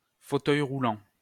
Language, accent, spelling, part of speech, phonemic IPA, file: French, France, fauteuil roulant, noun, /fo.tœj ʁu.lɑ̃/, LL-Q150 (fra)-fauteuil roulant.wav
- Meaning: wheelchair